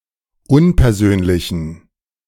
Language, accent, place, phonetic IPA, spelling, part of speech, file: German, Germany, Berlin, [ˈʊnpɛɐ̯ˌzøːnlɪçn̩], unpersönlichen, adjective, De-unpersönlichen.ogg
- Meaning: inflection of unpersönlich: 1. strong genitive masculine/neuter singular 2. weak/mixed genitive/dative all-gender singular 3. strong/weak/mixed accusative masculine singular 4. strong dative plural